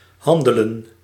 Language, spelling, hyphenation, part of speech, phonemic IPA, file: Dutch, handelen, han‧de‧len, verb, /ˈɦɑndələ(n)/, Nl-handelen.ogg
- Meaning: 1. to trade, do business 2. to act